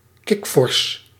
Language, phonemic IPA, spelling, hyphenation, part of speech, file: Dutch, /ˈkɪkfɔrs/, kikvors, kik‧vors, noun, Nl-kikvors.ogg
- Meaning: a frog